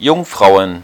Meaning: plural of Jungfrau
- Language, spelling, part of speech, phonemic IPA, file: German, Jungfrauen, noun, /ˈjʊŋˌfʁaʊ̯ən/, De-Jungfrauen.ogg